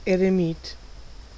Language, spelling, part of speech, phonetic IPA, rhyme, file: German, Eremit, noun, [eʁeˈmiːt], -iːt, De-Eremit.ogg
- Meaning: hermit